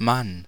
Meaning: 1. man, male human being 2. husband
- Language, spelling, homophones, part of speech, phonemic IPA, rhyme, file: German, Mann, man, noun, /man/, -an, De-Mann.ogg